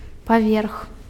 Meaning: floor, storey
- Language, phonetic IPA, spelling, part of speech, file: Belarusian, [paˈvʲerx], паверх, noun, Be-паверх.ogg